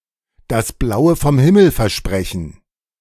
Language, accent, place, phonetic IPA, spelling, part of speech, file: German, Germany, Berlin, [das ˈblaʊ̯ə fɔm ˈhɪml̩ fɛɐ̯ˈʃpʁɛçn̩], das Blaue vom Himmel versprechen, phrase, De-das Blaue vom Himmel versprechen.ogg
- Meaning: to make a promise that cannot be fulfilled. (literally: to promise [someone] the Blue out of the Blue Sky)